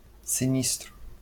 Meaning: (adjective) sinister (indicating lurking danger or harm); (noun) disaster; accident; great loss
- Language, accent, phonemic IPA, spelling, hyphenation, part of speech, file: Portuguese, Brazil, /siˈnis.tɾu/, sinistro, si‧nis‧tro, adjective / noun, LL-Q5146 (por)-sinistro.wav